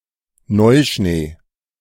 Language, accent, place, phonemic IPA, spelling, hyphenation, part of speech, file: German, Germany, Berlin, /ˈnɔɪ̯ʃneː/, Neuschnee, Neu‧schnee, noun, De-Neuschnee.ogg
- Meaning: fresh snow, new snow